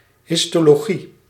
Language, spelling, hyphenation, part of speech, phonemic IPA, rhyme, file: Dutch, histologie, his‧to‧lo‧gie, noun, /ˌɦɪs.toː.loːˈɣi/, -i, Nl-histologie.ogg
- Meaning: histology